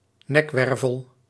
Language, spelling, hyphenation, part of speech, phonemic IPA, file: Dutch, nekwervel, nek‧wer‧vel, noun, /ˈnɛkˌʋɛr.vəl/, Nl-nekwervel.ogg
- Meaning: cervical vertebra